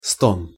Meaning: moan, groan (a low cry of pain)
- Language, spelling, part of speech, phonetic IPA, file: Russian, стон, noun, [ston], Ru-стон.ogg